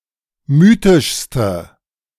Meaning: inflection of mythisch: 1. strong/mixed nominative/accusative feminine singular superlative degree 2. strong nominative/accusative plural superlative degree
- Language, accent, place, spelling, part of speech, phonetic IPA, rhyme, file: German, Germany, Berlin, mythischste, adjective, [ˈmyːtɪʃstə], -yːtɪʃstə, De-mythischste.ogg